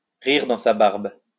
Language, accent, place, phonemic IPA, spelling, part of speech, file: French, France, Lyon, /ʁiʁ dɑ̃ sa baʁb/, rire dans sa barbe, verb, LL-Q150 (fra)-rire dans sa barbe.wav
- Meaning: to laugh in one's sleeve, to chuckle to oneself